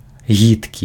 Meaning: disgusting
- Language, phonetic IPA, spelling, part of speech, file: Belarusian, [ˈɣʲitkʲi], гідкі, adjective, Be-гідкі.ogg